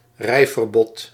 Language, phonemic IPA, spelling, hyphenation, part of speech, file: Dutch, /ˈrɛi̯.vərˌbɔt/, rijverbod, rij‧ver‧bod, noun, Nl-rijverbod.ogg
- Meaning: driving ban (prohibition on driving)